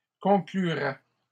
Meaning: first/second-person singular conditional of conclure
- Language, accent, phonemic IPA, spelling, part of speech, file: French, Canada, /kɔ̃.kly.ʁɛ/, conclurais, verb, LL-Q150 (fra)-conclurais.wav